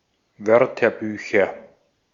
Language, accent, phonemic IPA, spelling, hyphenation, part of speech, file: German, Austria, /ˈvœʁtɐˌbyːçɐ/, Wörterbücher, Wör‧ter‧bü‧cher, noun, De-at-Wörterbücher.ogg
- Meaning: nominative/accusative/genitive plural of Wörterbuch